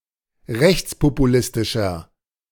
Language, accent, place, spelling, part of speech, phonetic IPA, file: German, Germany, Berlin, rechtspopulistischer, adjective, [ˈʁɛçt͡spopuˌlɪstɪʃɐ], De-rechtspopulistischer.ogg
- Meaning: 1. comparative degree of rechtspopulistisch 2. inflection of rechtspopulistisch: strong/mixed nominative masculine singular